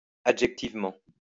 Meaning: adjectivally
- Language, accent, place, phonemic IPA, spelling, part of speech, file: French, France, Lyon, /a.dʒɛk.tiv.mɑ̃/, adjectivement, adverb, LL-Q150 (fra)-adjectivement.wav